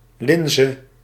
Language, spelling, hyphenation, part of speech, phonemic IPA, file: Dutch, linze, lin‧ze, noun, /ˈlɪn.zə/, Nl-linze.ogg
- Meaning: 1. lentil, the plant Lens culinaris (legume) 2. lentil, the seed of Lens culinaris (pulse)